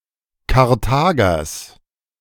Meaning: genitive of Karthager
- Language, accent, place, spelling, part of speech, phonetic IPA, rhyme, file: German, Germany, Berlin, Karthagers, noun, [kaʁˈtaːɡɐs], -aːɡɐs, De-Karthagers.ogg